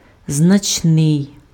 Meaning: 1. significant 2. considerable
- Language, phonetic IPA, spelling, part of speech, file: Ukrainian, [znɐt͡ʃˈnɪi̯], значний, adjective, Uk-значний.ogg